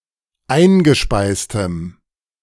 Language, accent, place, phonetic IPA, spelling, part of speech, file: German, Germany, Berlin, [ˈaɪ̯nɡəˌʃpaɪ̯stəm], eingespeistem, adjective, De-eingespeistem.ogg
- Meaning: strong dative masculine/neuter singular of eingespeist